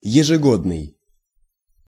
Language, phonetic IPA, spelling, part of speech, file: Russian, [(j)ɪʐɨˈɡodnɨj], ежегодный, adjective, Ru-ежегодный.ogg
- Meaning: annual (happening once a year)